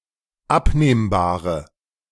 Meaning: inflection of abnehmbar: 1. strong/mixed nominative/accusative feminine singular 2. strong nominative/accusative plural 3. weak nominative all-gender singular
- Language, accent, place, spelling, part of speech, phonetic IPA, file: German, Germany, Berlin, abnehmbare, adjective, [ˈapneːmbaːʁə], De-abnehmbare.ogg